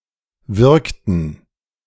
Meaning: inflection of wirken: 1. first/third-person plural preterite 2. first/third-person plural subjunctive II
- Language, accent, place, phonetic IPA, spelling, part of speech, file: German, Germany, Berlin, [ˈvɪʁktn̩], wirkten, verb, De-wirkten.ogg